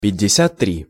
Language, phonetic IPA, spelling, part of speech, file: Russian, [pʲɪdʲ(ː)ɪˈsʲat ˈtrʲi], пятьдесят три, numeral, Ru-пятьдесят три.ogg
- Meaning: fifty-three (53)